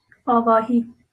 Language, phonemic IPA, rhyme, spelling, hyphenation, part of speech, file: Northern Kurdish, /ɑːvɑːˈhiː/, -iː, avahî, a‧va‧hî, noun, LL-Q36368 (kur)-avahî.wav
- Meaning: alternative form of avayî